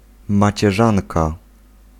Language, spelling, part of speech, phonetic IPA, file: Polish, macierzanka, noun, [ˌmat͡ɕɛˈʒãnka], Pl-macierzanka.ogg